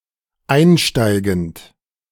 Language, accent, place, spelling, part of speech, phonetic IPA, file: German, Germany, Berlin, einsteigend, verb, [ˈaɪ̯nˌʃtaɪ̯ɡn̩t], De-einsteigend.ogg
- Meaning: present participle of einsteigen